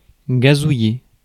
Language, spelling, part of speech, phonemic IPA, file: French, gazouiller, verb, /ɡa.zu.je/, Fr-gazouiller.ogg
- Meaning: 1. to chirp, to twitter 2. to gurgle 3. to tweet (microblogging)